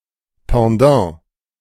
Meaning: counterpart
- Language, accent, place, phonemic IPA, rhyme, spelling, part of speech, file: German, Germany, Berlin, /pãˈdã/, -ãː, Pendant, noun, De-Pendant.ogg